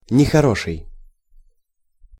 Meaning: bad (not good)
- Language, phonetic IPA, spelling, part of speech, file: Russian, [nʲɪxɐˈroʂɨj], нехороший, adjective, Ru-нехороший.ogg